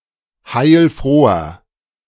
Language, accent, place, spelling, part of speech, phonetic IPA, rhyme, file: German, Germany, Berlin, heilfroher, adjective, [haɪ̯lˈfʁoːɐ], -oːɐ, De-heilfroher.ogg
- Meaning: inflection of heilfroh: 1. strong/mixed nominative masculine singular 2. strong genitive/dative feminine singular 3. strong genitive plural